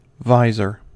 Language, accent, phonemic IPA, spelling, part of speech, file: English, US, /ˈvaɪzɚ/, visor, noun / verb, En-us-visor.ogg
- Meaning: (noun) 1. A part of a helmet, arranged so as to lift or open, and so show the face. The openings for seeing and breathing are generally in it 2. A mask for the face